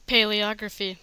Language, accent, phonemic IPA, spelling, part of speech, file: English, US, /ˌpeɪliˈɑɡɹəfi/, paleography, noun, En-us-paleography.ogg
- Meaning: 1. The study of old or ancient forms of writing 2. Ancient scripts or forms of writing themselves, as uncial, scriptio continua, or methods of using papyrus scrolls 3. Paleogeography